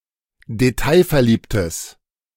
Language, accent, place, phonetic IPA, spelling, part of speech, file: German, Germany, Berlin, [deˈtaɪ̯fɛɐ̯ˌliːptəs], detailverliebtes, adjective, De-detailverliebtes.ogg
- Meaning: strong/mixed nominative/accusative neuter singular of detailverliebt